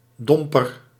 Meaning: 1. conical candle extinguisher, snuffer 2. reactionary orthodox Protestant linked to the Réveil 3. reactionary Flemish Roman Catholic 4. damper, disappointment
- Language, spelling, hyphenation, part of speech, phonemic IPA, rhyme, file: Dutch, domper, dom‧per, noun, /ˈdɔm.pər/, -ɔmpər, Nl-domper.ogg